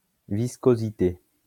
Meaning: viscosity
- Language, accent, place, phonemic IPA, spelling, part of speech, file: French, France, Lyon, /vis.ko.zi.te/, viscosité, noun, LL-Q150 (fra)-viscosité.wav